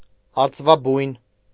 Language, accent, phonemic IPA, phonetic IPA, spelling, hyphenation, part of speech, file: Armenian, Eastern Armenian, /ɑɾt͡svɑˈbujn/, [ɑɾt͡svɑbújn], արծվաբույն, արծ‧վա‧բույն, noun / adjective, Hy-արծվաբույն.ogg
- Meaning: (noun) 1. eagle's nest 2. eyrie (any high and remote but commanding place); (adjective) located on a high and remote but commanding place